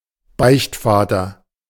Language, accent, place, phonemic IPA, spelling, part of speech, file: German, Germany, Berlin, /ˈbaɪ̯çtˌfaːtɐ/, Beichtvater, noun, De-Beichtvater.ogg
- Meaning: confessor (priest who accepts someone’s confession)